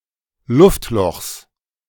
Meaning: genitive singular of Luftloch
- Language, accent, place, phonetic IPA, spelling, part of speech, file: German, Germany, Berlin, [ˈlʊftˌlɔxs], Luftlochs, noun, De-Luftlochs.ogg